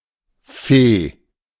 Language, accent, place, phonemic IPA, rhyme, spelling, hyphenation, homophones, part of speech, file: German, Germany, Berlin, /feː/, -eː, Fee, Fee, Feh, noun, De-Fee.ogg
- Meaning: fairy